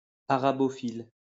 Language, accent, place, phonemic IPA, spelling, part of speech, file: French, France, Lyon, /a.ʁa.bɔ.fil/, arabophile, adjective, LL-Q150 (fra)-arabophile.wav
- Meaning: Arabophilic